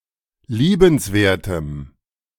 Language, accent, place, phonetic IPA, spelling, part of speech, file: German, Germany, Berlin, [ˈliːbənsˌveːɐ̯təm], liebenswertem, adjective, De-liebenswertem.ogg
- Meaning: strong dative masculine/neuter singular of liebenswert